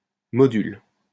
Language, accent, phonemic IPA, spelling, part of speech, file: French, France, /mɔ.dyl/, module, noun, LL-Q150 (fra)-module.wav
- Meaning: module